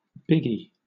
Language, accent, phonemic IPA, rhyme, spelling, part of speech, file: English, Southern England, /ˈbɪɡi/, -ɪɡi, biggy, noun, LL-Q1860 (eng)-biggy.wav
- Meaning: 1. Something large in size in comparison to similar things 2. Something impressive in comparison to similar things 3. Big deal